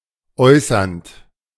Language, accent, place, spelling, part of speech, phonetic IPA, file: German, Germany, Berlin, äußernd, verb, [ˈɔɪ̯sɐnt], De-äußernd.ogg
- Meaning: present participle of äußern